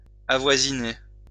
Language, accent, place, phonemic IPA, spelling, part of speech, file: French, France, Lyon, /a.vwa.zi.ne/, avoisiner, verb, LL-Q150 (fra)-avoisiner.wav
- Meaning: 1. to neighbor/neighbour (to be near to, or the neighbor of) 2. to border on (be similar to)